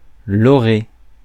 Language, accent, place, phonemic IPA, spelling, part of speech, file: French, France, Paris, /ɔ.ʁe/, orée, noun, Fr-orée.ogg
- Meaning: edge, border